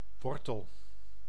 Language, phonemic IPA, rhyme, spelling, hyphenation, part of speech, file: Dutch, /ˈʋɔr.təl/, -ɔrtəl, wortel, wor‧tel, noun / verb, Nl-wortel.ogg
- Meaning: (noun) 1. root (especially of a plant) 2. carrot (Daucus carota, especially Daucus carota subsp. sativa) 3. square root, root 4. zero (of a function), root (of an equation)